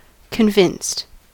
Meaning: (adjective) In a state of believing, especially from evidence but not necessarily; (verb) simple past and past participle of convince
- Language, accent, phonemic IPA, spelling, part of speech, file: English, US, /kənˈvɪnst/, convinced, adjective / verb, En-us-convinced.ogg